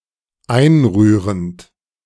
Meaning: present participle of einrühren
- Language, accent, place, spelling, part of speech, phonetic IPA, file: German, Germany, Berlin, einrührend, verb, [ˈaɪ̯nˌʁyːʁənt], De-einrührend.ogg